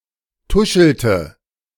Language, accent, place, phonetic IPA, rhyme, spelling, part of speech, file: German, Germany, Berlin, [ˈtʊʃl̩tə], -ʊʃl̩tə, tuschelte, verb, De-tuschelte.ogg
- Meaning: inflection of tuscheln: 1. first/third-person singular preterite 2. first/third-person singular subjunctive II